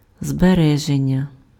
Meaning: preservation, conservation, saving
- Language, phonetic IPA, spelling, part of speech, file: Ukrainian, [zbeˈrɛʒenʲːɐ], збереження, noun, Uk-збереження.ogg